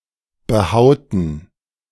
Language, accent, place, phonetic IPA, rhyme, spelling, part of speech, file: German, Germany, Berlin, [bəˈhaʊ̯tn̩], -aʊ̯tn̩, behauten, verb, De-behauten.ogg
- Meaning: inflection of behauen: 1. first/third-person plural preterite 2. first/third-person plural subjunctive II